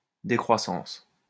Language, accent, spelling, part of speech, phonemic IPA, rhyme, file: French, France, décroissance, noun, /de.kʁwa.sɑ̃s/, -ɑ̃s, LL-Q150 (fra)-décroissance.wav
- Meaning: 1. decrease, decline 2. degrowth